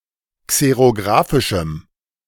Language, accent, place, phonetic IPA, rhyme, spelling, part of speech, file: German, Germany, Berlin, [ˌkseʁoˈɡʁaːfɪʃm̩], -aːfɪʃm̩, xerografischem, adjective, De-xerografischem.ogg
- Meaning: strong dative masculine/neuter singular of xerografisch